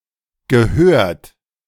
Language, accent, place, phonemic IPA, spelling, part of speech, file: German, Germany, Berlin, /ɡəˈhøːɐ̯t/, gehört, verb, De-gehört.ogg
- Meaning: 1. past participle of hören 2. past participle of gehören 3. inflection of gehören: third-person singular present 4. inflection of gehören: second-person plural present